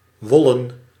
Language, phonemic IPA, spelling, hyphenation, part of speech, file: Dutch, /ˈʋɔlə(n)/, wollen, wol‧len, adjective, Nl-wollen.ogg
- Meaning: woolen, woollen